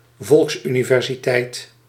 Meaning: institution offering stand-alone courses to a wide audience without requirements of prior study
- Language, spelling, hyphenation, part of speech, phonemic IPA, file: Dutch, volksuniversiteit, volks‧uni‧ver‧si‧teit, noun, /ˈvɔlks.y.ni.vɛr.ziˌtɛi̯t/, Nl-volksuniversiteit.ogg